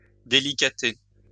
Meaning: "(ant.) to cocker, to fondle, to pamper"
- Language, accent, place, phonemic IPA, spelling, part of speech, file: French, France, Lyon, /de.li.ka.te/, délicater, verb, LL-Q150 (fra)-délicater.wav